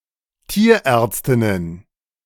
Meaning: plural of Tierärztin
- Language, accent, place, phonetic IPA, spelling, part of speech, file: German, Germany, Berlin, [ˈtiːɐ̯ˌʔɛːɐ̯t͡stɪnən], Tierärztinnen, noun, De-Tierärztinnen.ogg